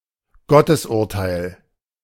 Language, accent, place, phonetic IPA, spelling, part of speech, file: German, Germany, Berlin, [ˈɡɔtəsˌʔʊʁtaɪ̯l], Gottesurteil, noun, De-Gottesurteil.ogg
- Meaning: ordeal (trial in which the accused was subjected to a dangerous test)